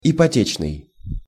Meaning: mortgage; hypothecary
- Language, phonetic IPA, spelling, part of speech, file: Russian, [ɪpɐˈtʲet͡ɕnɨj], ипотечный, adjective, Ru-ипотечный.ogg